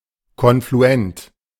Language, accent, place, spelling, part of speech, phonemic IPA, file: German, Germany, Berlin, konfluent, adjective, /kɔnfluˈɛnt/, De-konfluent.ogg
- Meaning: confluent, converging